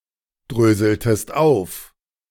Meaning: inflection of aufdröseln: 1. second-person singular preterite 2. second-person singular subjunctive II
- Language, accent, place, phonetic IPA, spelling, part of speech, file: German, Germany, Berlin, [ˌdʁøːzl̩təst ˈaʊ̯f], dröseltest auf, verb, De-dröseltest auf.ogg